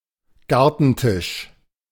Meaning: garden table
- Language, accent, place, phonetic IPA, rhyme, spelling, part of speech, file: German, Germany, Berlin, [ˈɡaʁtn̩ˌtɪʃ], -aʁtn̩tɪʃ, Gartentisch, noun, De-Gartentisch.ogg